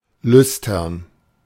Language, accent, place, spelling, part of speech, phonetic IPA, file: German, Germany, Berlin, lüstern, adjective, [ˈlʏstɐn], De-lüstern.ogg
- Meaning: 1. libidinous, lustful 2. eager